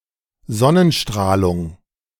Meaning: solar radiation
- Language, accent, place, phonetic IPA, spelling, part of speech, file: German, Germany, Berlin, [ˈzɔnənˌʃtʁaːlʊŋ], Sonnenstrahlung, noun, De-Sonnenstrahlung.ogg